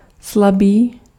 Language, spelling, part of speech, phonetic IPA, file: Czech, slabý, adjective, [ˈslabiː], Cs-slabý.ogg
- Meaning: weak, feeble